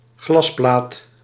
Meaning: glass pane
- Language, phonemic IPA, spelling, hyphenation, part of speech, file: Dutch, /ˈɣlɑs.plaːt/, glasplaat, glas‧plaat, noun, Nl-glasplaat.ogg